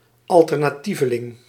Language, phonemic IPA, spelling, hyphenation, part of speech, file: Dutch, /ˌɑl.tər.naːˈti.və.lɪŋ/, alternatieveling, al‧ter‧na‧tie‧ve‧ling, noun, Nl-alternatieveling.ogg
- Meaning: someone who participates in an alternative subculture (e.g. a hipster, emo or punk)